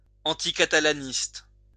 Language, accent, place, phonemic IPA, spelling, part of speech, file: French, France, Lyon, /ɑ̃.ti.ka.ta.la.nist/, anticatalaniste, adjective, LL-Q150 (fra)-anticatalaniste.wav
- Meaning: anti-Catalanist